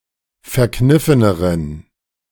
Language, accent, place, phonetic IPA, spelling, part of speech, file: German, Germany, Berlin, [fɛɐ̯ˈknɪfənəʁən], verkniffeneren, adjective, De-verkniffeneren.ogg
- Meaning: inflection of verkniffen: 1. strong genitive masculine/neuter singular comparative degree 2. weak/mixed genitive/dative all-gender singular comparative degree